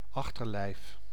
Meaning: 1. rear, backside of an animal 2. abdomen, propodeum, opisthosoma
- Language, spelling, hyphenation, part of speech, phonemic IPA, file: Dutch, achterlijf, ach‧ter‧lijf, noun, /ˈɑx.tərˌlɛi̯f/, Nl-achterlijf.ogg